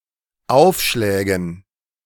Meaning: dative plural of Aufschlag
- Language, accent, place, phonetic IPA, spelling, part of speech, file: German, Germany, Berlin, [ˈaʊ̯fˌʃlɛːɡn̩], Aufschlägen, noun, De-Aufschlägen.ogg